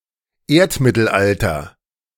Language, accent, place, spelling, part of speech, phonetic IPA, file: German, Germany, Berlin, Erdmittelalter, noun, [ˈeːɐ̯tmɪtl̩ˌʔaltɐ], De-Erdmittelalter.ogg
- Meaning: synonym of Mesozoikum